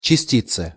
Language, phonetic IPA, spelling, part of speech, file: Russian, [t͡ɕɪˈsʲtʲit͡sɨ], частице, noun, Ru-частице.ogg
- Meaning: dative/prepositional singular of части́ца (častíca)